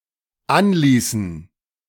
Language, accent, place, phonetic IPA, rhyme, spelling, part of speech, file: German, Germany, Berlin, [ˈanˌliːsn̩], -anliːsn̩, anließen, verb, De-anließen.ogg
- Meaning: inflection of anlassen: 1. first/third-person plural dependent preterite 2. first/third-person plural dependent subjunctive II